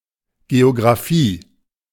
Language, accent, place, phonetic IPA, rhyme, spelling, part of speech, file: German, Germany, Berlin, [ˌɡeoɡʁaˈfiː], -iː, Geographie, noun, De-Geographie.ogg
- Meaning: alternative spelling of Geografie